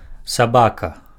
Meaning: dog
- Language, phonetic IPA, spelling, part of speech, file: Belarusian, [saˈbaka], сабака, noun, Be-сабака.ogg